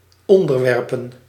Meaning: to subject
- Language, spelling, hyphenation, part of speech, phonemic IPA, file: Dutch, onderwerpen, on‧der‧wer‧pen, verb, /ɔn.dərˈʋɛr.pə(n)/, Nl-onderwerpen.ogg